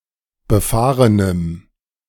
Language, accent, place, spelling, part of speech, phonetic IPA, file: German, Germany, Berlin, befahrenem, adjective, [bəˈfaːʁənəm], De-befahrenem.ogg
- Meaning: strong dative masculine/neuter singular of befahren